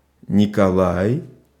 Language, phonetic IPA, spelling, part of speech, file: Russian, [nʲɪkɐˈɫaj], Николай, proper noun, Ru-Николай.ogg
- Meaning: 1. a male given name, Nikolai and Nikolay, equivalent to English Nicholas 2. November (N in the ICAO spelling alphabet)